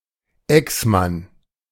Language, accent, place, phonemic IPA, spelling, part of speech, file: German, Germany, Berlin, /ˈɛksˌman/, Exmann, noun, De-Exmann.ogg
- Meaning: ex-husband